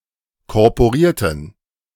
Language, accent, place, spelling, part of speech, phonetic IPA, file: German, Germany, Berlin, korporierten, adjective, [kɔʁpoˈʁiːɐ̯tən], De-korporierten.ogg
- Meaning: inflection of korporiert: 1. strong genitive masculine/neuter singular 2. weak/mixed genitive/dative all-gender singular 3. strong/weak/mixed accusative masculine singular 4. strong dative plural